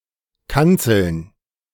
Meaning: plural of Kanzel
- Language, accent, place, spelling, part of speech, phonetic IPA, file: German, Germany, Berlin, Kanzeln, noun, [ˈkant͡sl̩n], De-Kanzeln.ogg